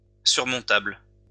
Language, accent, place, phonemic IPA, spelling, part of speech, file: French, France, Lyon, /syʁ.mɔ̃.tabl/, surmontable, adjective, LL-Q150 (fra)-surmontable.wav
- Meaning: surmountable